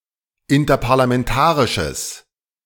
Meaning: strong/mixed nominative/accusative neuter singular of interparlamentarisch
- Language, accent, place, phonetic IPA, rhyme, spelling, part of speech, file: German, Germany, Berlin, [ɪntɐpaʁlamɛnˈtaːʁɪʃəs], -aːʁɪʃəs, interparlamentarisches, adjective, De-interparlamentarisches.ogg